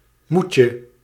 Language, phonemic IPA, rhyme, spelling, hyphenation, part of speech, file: Dutch, /ˈmutjə/, -utjə, moetje, moet‧je, noun, Nl-moetje.ogg
- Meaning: 1. a shotgun wedding (marriage contracted to legitimise a premarital pregnancy) 2. a must, especially something that is necessary but not desired (necessity) 3. diminutive of moe